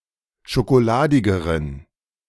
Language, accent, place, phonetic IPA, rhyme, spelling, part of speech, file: German, Germany, Berlin, [ʃokoˈlaːdɪɡəʁən], -aːdɪɡəʁən, schokoladigeren, adjective, De-schokoladigeren.ogg
- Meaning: inflection of schokoladig: 1. strong genitive masculine/neuter singular comparative degree 2. weak/mixed genitive/dative all-gender singular comparative degree